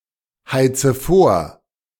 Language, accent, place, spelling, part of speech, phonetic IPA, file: German, Germany, Berlin, heize vor, verb, [ˌhaɪ̯t͡sə ˈfoːɐ̯], De-heize vor.ogg
- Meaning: inflection of vorheizen: 1. first-person singular present 2. first/third-person singular subjunctive I 3. singular imperative